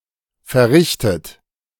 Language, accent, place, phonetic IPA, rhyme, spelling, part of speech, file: German, Germany, Berlin, [fɛɐ̯ˈʁɪçtət], -ɪçtət, verrichtet, verb, De-verrichtet.ogg
- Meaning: 1. past participle of verrichten 2. inflection of verrichten: third-person singular present 3. inflection of verrichten: second-person plural present